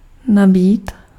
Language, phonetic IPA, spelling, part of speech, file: Czech, [ˈnabiːt], nabít, verb, Cs-nabít.ogg
- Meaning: to charge (to cause to take on an electric charge)